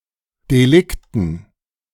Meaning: dative plural of Delikt
- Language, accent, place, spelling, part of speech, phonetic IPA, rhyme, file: German, Germany, Berlin, Delikten, noun, [deˈlɪktn̩], -ɪktn̩, De-Delikten.ogg